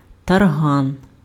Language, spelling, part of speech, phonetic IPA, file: Ukrainian, тарган, noun, [tɐrˈɦan], Uk-тарган.ogg
- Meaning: cockroach